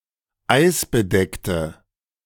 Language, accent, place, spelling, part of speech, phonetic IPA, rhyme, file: German, Germany, Berlin, eisbedeckte, adjective, [ˈaɪ̯sbəˌdɛktə], -aɪ̯sbədɛktə, De-eisbedeckte.ogg
- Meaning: inflection of eisbedeckt: 1. strong/mixed nominative/accusative feminine singular 2. strong nominative/accusative plural 3. weak nominative all-gender singular